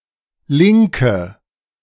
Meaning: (adjective) inflection of link: 1. strong/mixed nominative/accusative feminine singular 2. strong nominative/accusative plural 3. weak nominative all-gender singular
- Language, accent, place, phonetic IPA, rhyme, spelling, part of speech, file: German, Germany, Berlin, [ˈlɪŋkə], -ɪŋkə, linke, adjective / verb, De-linke.ogg